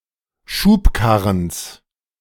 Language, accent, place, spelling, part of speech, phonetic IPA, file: German, Germany, Berlin, Schubkarrens, noun, [ˈʃuːpˌkaʁəns], De-Schubkarrens.ogg
- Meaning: genitive singular of Schubkarren